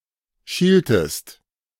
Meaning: inflection of schielen: 1. second-person singular preterite 2. second-person singular subjunctive II
- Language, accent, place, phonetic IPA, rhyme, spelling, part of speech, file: German, Germany, Berlin, [ˈʃiːltəst], -iːltəst, schieltest, verb, De-schieltest.ogg